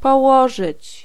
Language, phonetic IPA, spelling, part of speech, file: Polish, [pɔˈwɔʒɨt͡ɕ], położyć, verb, Pl-położyć.ogg